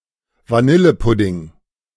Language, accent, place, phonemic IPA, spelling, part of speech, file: German, Germany, Berlin, /vaˈnɪləpʊdɪŋ/, Vanillepudding, noun, De-Vanillepudding.ogg
- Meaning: custard, vanilla pudding